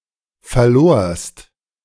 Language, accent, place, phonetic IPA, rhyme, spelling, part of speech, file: German, Germany, Berlin, [fɛɐ̯ˈloːɐ̯st], -oːɐ̯st, verlorst, verb, De-verlorst.ogg
- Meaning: second-person singular preterite of verlieren